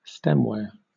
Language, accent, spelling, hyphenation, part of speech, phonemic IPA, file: English, Southern England, stemware, stem‧ware, noun, /ˈstɛm.wɛə(ɹ)/, LL-Q1860 (eng)-stemware.wav
- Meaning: Drinking glasses that have a stem, such as wine glasses or champagne flutes